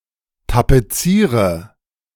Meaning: inflection of tapezieren: 1. first-person singular present 2. first/third-person singular subjunctive I 3. singular imperative
- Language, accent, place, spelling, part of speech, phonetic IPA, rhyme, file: German, Germany, Berlin, tapeziere, verb, [tapeˈt͡siːʁə], -iːʁə, De-tapeziere.ogg